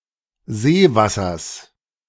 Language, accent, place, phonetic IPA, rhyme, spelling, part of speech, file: German, Germany, Berlin, [ˈzeːˌvasɐs], -eːvasɐs, Seewassers, noun, De-Seewassers.ogg
- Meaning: genitive singular of Seewasser